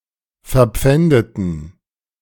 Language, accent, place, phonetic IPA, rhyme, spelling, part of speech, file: German, Germany, Berlin, [fɛɐ̯ˈp͡fɛndətn̩], -ɛndətn̩, verpfändeten, adjective / verb, De-verpfändeten.ogg
- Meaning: inflection of verpfänden: 1. first/third-person plural preterite 2. first/third-person plural subjunctive II